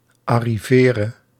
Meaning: singular present subjunctive of arriveren
- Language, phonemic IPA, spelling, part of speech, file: Dutch, /ɑriˈverə/, arrivere, verb, Nl-arrivere.ogg